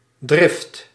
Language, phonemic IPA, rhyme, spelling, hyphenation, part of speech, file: Dutch, /drɪft/, -ɪft, drift, drift, noun, Nl-drift.ogg
- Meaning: 1. passion 2. strong and sudden upwelling of anger: a fit 3. urge, strong desire 4. violent tendency 5. flock (of sheep or oxen) 6. deviation of direction caused by wind: drift